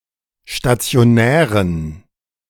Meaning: inflection of stationär: 1. strong genitive masculine/neuter singular 2. weak/mixed genitive/dative all-gender singular 3. strong/weak/mixed accusative masculine singular 4. strong dative plural
- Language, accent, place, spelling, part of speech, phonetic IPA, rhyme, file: German, Germany, Berlin, stationären, adjective, [ʃtat͡si̯oˈnɛːʁən], -ɛːʁən, De-stationären.ogg